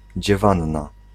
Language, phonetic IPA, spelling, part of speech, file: Polish, [d͡ʑɛˈvãnːa], dziewanna, noun, Pl-dziewanna.ogg